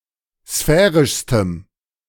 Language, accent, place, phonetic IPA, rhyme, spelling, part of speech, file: German, Germany, Berlin, [ˈsfɛːʁɪʃstəm], -ɛːʁɪʃstəm, sphärischstem, adjective, De-sphärischstem.ogg
- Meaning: strong dative masculine/neuter singular superlative degree of sphärisch